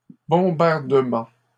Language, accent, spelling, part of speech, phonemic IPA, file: French, Canada, bombardement, noun, /bɔ̃.baʁ.də.mɑ̃/, LL-Q150 (fra)-bombardement.wav
- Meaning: bombing, bombardment (action of setting off a bomb)